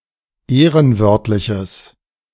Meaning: strong/mixed nominative/accusative neuter singular of ehrenwörtlich
- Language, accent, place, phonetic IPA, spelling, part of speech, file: German, Germany, Berlin, [ˈeːʁənˌvœʁtlɪçəs], ehrenwörtliches, adjective, De-ehrenwörtliches.ogg